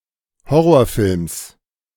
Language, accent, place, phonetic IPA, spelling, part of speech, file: German, Germany, Berlin, [ˈhɔʁoːɐ̯ˌfɪlms], Horrorfilms, noun, De-Horrorfilms.ogg
- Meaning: genitive singular of Horrorfilm